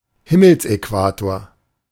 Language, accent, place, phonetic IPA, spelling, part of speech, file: German, Germany, Berlin, [ˈhɪml̩sʔɛˌkvaːtoːɐ̯], Himmelsäquator, noun, De-Himmelsäquator.ogg
- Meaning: celestial equator